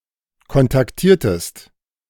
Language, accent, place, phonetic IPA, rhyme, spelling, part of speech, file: German, Germany, Berlin, [kɔntakˈtiːɐ̯təst], -iːɐ̯təst, kontaktiertest, verb, De-kontaktiertest.ogg
- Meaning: inflection of kontaktieren: 1. second-person singular preterite 2. second-person singular subjunctive II